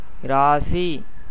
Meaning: standard spelling of ராசி (rāci)
- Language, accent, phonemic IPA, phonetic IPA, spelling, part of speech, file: Tamil, India, /ɪɾɑːtʃiː/, [ɪɾäːsiː], இராசி, noun, Ta-இராசி.ogg